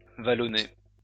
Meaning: hilly
- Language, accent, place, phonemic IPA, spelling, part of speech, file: French, France, Lyon, /va.lɔ.ne/, vallonné, adjective, LL-Q150 (fra)-vallonné.wav